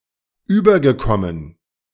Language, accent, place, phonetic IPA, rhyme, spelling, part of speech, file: German, Germany, Berlin, [ˈyːbɐɡəˌkɔmən], -yːbɐɡəkɔmən, übergekommen, verb, De-übergekommen.ogg
- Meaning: past participle of überkommen